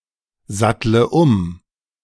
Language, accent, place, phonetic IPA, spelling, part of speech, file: German, Germany, Berlin, [ˌzatlə ˈʊm], sattle um, verb, De-sattle um.ogg
- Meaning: inflection of umsatteln: 1. first-person singular present 2. first/third-person singular subjunctive I 3. singular imperative